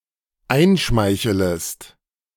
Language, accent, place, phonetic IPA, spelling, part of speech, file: German, Germany, Berlin, [ˈaɪ̯nˌʃmaɪ̯çələst], einschmeichelest, verb, De-einschmeichelest.ogg
- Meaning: second-person singular dependent subjunctive I of einschmeicheln